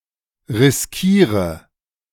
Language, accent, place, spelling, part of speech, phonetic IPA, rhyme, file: German, Germany, Berlin, riskiere, verb, [ʁɪsˈkiːʁə], -iːʁə, De-riskiere.ogg
- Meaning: inflection of riskieren: 1. first-person singular present 2. first/third-person singular subjunctive I 3. singular imperative